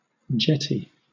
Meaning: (noun) A part of a building that jets or projects beyond the rest; specifically, an upper storey which overhangs the part of the building below
- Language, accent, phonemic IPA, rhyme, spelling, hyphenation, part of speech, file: English, Southern England, /ˈd͡ʒɛti/, -ɛti, jetty, jet‧ty, noun / verb / adjective, LL-Q1860 (eng)-jetty.wav